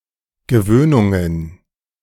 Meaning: plural of Gewöhnung
- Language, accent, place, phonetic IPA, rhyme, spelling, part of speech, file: German, Germany, Berlin, [ɡəˈvøːnʊŋən], -øːnʊŋən, Gewöhnungen, noun, De-Gewöhnungen.ogg